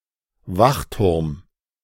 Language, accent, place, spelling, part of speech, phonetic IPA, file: German, Germany, Berlin, Wachturm, noun, [ˈvaxˌtʊʁm], De-Wachturm.ogg
- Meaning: watchtower